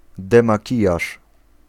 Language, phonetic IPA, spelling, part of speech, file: Polish, [ˌdɛ̃maˈcijaʃ], demakijaż, noun, Pl-demakijaż.ogg